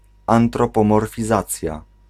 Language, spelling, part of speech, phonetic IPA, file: Polish, antropomorfizacja, noun, [ˌãntrɔpɔ̃mɔrfʲiˈzat͡sʲja], Pl-antropomorfizacja.ogg